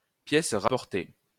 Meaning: 1. patch; insert 2. in-law 3. outsider
- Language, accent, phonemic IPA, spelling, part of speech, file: French, France, /pjɛs ʁa.pɔʁ.te/, pièce rapportée, noun, LL-Q150 (fra)-pièce rapportée.wav